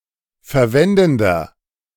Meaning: inflection of verwendend: 1. strong/mixed nominative masculine singular 2. strong genitive/dative feminine singular 3. strong genitive plural
- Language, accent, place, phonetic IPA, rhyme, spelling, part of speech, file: German, Germany, Berlin, [fɛɐ̯ˈvɛndn̩dɐ], -ɛndn̩dɐ, verwendender, adjective, De-verwendender.ogg